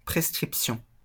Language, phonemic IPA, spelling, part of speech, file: French, /pʁɛs.kʁip.sjɔ̃/, prescription, noun, LL-Q150 (fra)-prescription.wav
- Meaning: prescription (written order from an authorized medical practitioner for provision of a medicine or other treatment, such as (ophthalmology) the specific lenses needed for a pair of glasses)